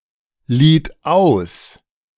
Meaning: second-person plural preterite of ausleihen
- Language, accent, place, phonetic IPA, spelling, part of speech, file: German, Germany, Berlin, [ˌliːt ˈaʊ̯s], lieht aus, verb, De-lieht aus.ogg